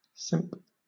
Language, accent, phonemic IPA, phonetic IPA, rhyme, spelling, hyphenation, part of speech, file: English, Southern England, /ˈsɪmp/, [ˈsɪmp], -ɪmp, simp, simp, noun / verb / adjective, LL-Q1860 (eng)-simp.wav
- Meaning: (noun) 1. A simple person lacking common sense; a fool or simpleton 2. Someone who is not worthy of respect 3. A man who foolishly overvalues and defers to a woman, putting her on a pedestal